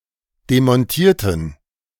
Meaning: inflection of demontieren: 1. first/third-person plural preterite 2. first/third-person plural subjunctive II
- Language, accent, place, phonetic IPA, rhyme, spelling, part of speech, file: German, Germany, Berlin, [demɔnˈtiːɐ̯tn̩], -iːɐ̯tn̩, demontierten, adjective / verb, De-demontierten.ogg